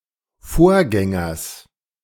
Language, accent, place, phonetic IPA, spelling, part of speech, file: German, Germany, Berlin, [ˈfoːɐ̯ˌɡɛŋɐs], Vorgängers, noun, De-Vorgängers.ogg
- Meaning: genitive singular of Vorgänger